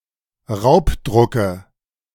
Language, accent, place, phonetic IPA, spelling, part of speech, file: German, Germany, Berlin, [ˈʁaʊ̯pˌdʁʊkə], Raubdrucke, noun, De-Raubdrucke.ogg
- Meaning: nominative/accusative/genitive plural of Raubdruck